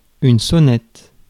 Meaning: 1. bell (for example, on a bicycle), handbell 2. doorbell 3. pile driver
- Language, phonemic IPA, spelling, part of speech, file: French, /sɔ.nɛt/, sonnette, noun, Fr-sonnette.ogg